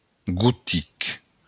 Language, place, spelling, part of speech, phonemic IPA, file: Occitan, Béarn, gotic, adjective / noun, /ɡuˈtik/, LL-Q14185 (oci)-gotic.wav
- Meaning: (adjective) 1. Gothic (pertaining to the Goths or to the Gothic language) 2. Gothic (pertaining to the Gothic architecture or to Gothic art) 3. Gothic (pertaining to the Middle Ages)